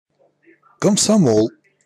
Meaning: syllabic abbreviation of Коммунисти́ческий сою́з молодёжи (Kommunistíčeskij sojúz molodjóži, “Communist Union of Youth”): Komsomol, Young Communist League
- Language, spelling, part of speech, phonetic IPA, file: Russian, комсомол, noun, [kəmsɐˈmoɫ], Ru-комсомол.ogg